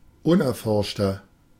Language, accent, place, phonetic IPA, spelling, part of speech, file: German, Germany, Berlin, [ˈʊnʔɛɐ̯ˌfɔʁʃtɐ], unerforschter, adjective, De-unerforschter.ogg
- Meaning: 1. comparative degree of unerforscht 2. inflection of unerforscht: strong/mixed nominative masculine singular 3. inflection of unerforscht: strong genitive/dative feminine singular